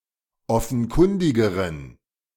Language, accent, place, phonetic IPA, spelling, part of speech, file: German, Germany, Berlin, [ˈɔfn̩ˌkʊndɪɡəʁən], offenkundigeren, adjective, De-offenkundigeren.ogg
- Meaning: inflection of offenkundig: 1. strong genitive masculine/neuter singular comparative degree 2. weak/mixed genitive/dative all-gender singular comparative degree